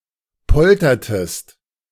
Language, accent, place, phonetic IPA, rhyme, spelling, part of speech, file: German, Germany, Berlin, [ˈpɔltɐtəst], -ɔltɐtəst, poltertest, verb, De-poltertest.ogg
- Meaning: inflection of poltern: 1. second-person singular preterite 2. second-person singular subjunctive II